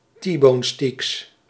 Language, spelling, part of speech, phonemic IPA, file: Dutch, T-bonesteaks, noun, /ˈtibonˌsteks/, Nl-T-bonesteaks.ogg
- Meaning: plural of T-bonesteak